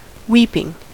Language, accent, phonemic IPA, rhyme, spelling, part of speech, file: English, US, /ˈwiːpɪŋ/, -iːpɪŋ, weeping, verb / noun, En-us-weeping.ogg
- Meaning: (verb) present participle and gerund of weep; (noun) Action of the verb to weep